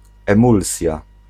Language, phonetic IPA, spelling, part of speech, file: Polish, [ɛ̃ˈmulsʲja], emulsja, noun, Pl-emulsja.ogg